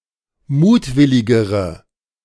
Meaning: inflection of mutwillig: 1. strong/mixed nominative/accusative feminine singular comparative degree 2. strong nominative/accusative plural comparative degree
- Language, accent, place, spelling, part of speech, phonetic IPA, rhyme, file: German, Germany, Berlin, mutwilligere, adjective, [ˈmuːtˌvɪlɪɡəʁə], -uːtvɪlɪɡəʁə, De-mutwilligere.ogg